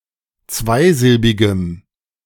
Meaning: strong dative masculine/neuter singular of zweisilbig
- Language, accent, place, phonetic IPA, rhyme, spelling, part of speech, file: German, Germany, Berlin, [ˈt͡svaɪ̯ˌzɪlbɪɡəm], -aɪ̯zɪlbɪɡəm, zweisilbigem, adjective, De-zweisilbigem.ogg